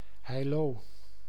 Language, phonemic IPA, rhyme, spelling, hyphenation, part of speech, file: Dutch, /ɦɛi̯ˈloː/, -oː, Heiloo, Hei‧loo, proper noun, Nl-Heiloo.ogg
- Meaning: a village and municipality of North Holland, Netherlands